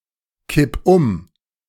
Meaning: 1. singular imperative of umkippen 2. first-person singular present of umkippen
- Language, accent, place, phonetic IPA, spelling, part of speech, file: German, Germany, Berlin, [ˌkɪp ˈʊm], kipp um, verb, De-kipp um.ogg